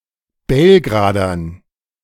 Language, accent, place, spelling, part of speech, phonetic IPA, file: German, Germany, Berlin, Belgradern, noun, [ˈbɛlɡʁaːdɐn], De-Belgradern.ogg
- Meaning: dative plural of Belgrader